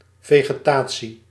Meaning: vegetation
- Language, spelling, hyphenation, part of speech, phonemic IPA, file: Dutch, vegetatie, ve‧ge‧ta‧tie, noun, /ˌveː.ɣəˈtaː.(t)si/, Nl-vegetatie.ogg